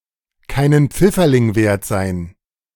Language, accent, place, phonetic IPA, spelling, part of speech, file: German, Germany, Berlin, [ˈkaɪ̯nən ˈp͡fɪfɐlɪŋ veːɐ̯t zaɪ̯n], keinen Pfifferling wert sein, verb, De-keinen Pfifferling wert sein.ogg
- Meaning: to not be worth a dime